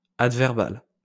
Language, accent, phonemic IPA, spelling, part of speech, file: French, France, /ad.vɛʁ.bal/, adverbal, adjective, LL-Q150 (fra)-adverbal.wav
- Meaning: adverbial